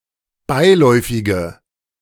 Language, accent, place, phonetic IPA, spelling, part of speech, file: German, Germany, Berlin, [ˈbaɪ̯ˌlɔɪ̯fɪɡə], beiläufige, adjective, De-beiläufige.ogg
- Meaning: inflection of beiläufig: 1. strong/mixed nominative/accusative feminine singular 2. strong nominative/accusative plural 3. weak nominative all-gender singular